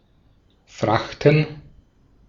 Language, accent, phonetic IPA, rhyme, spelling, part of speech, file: German, Austria, [ˈfʁaxtn̩], -axtn̩, Frachten, noun, De-at-Frachten.ogg
- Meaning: plural of Fracht